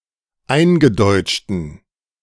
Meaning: inflection of eingedeutscht: 1. strong genitive masculine/neuter singular 2. weak/mixed genitive/dative all-gender singular 3. strong/weak/mixed accusative masculine singular 4. strong dative plural
- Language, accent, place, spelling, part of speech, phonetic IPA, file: German, Germany, Berlin, eingedeutschten, adjective, [ˈaɪ̯nɡəˌdɔɪ̯t͡ʃtn̩], De-eingedeutschten.ogg